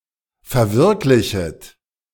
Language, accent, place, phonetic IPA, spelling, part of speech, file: German, Germany, Berlin, [fɛɐ̯ˈvɪʁklɪçət], verwirklichet, verb, De-verwirklichet.ogg
- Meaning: second-person plural subjunctive I of verwirklichen